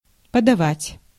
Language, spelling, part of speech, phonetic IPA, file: Russian, подавать, verb, [pədɐˈvatʲ], Ru-подавать.ogg
- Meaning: 1. to give, to proffer, to pass 2. to serve 3. to pitch, to serve, to pass 4. to give alms